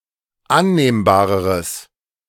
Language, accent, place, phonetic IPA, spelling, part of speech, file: German, Germany, Berlin, [ˈanneːmbaːʁəʁəs], annehmbareres, adjective, De-annehmbareres.ogg
- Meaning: strong/mixed nominative/accusative neuter singular comparative degree of annehmbar